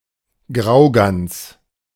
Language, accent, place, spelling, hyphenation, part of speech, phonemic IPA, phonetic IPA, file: German, Germany, Berlin, Graugans, Grau‧gans, noun, /ˈɡʀaʊ̯ˌɡans/, [ˈɡʁaʊ̯ˌɡan(t)s], De-Graugans.ogg
- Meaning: 1. greylag goose (Anser anser) 2. wild goose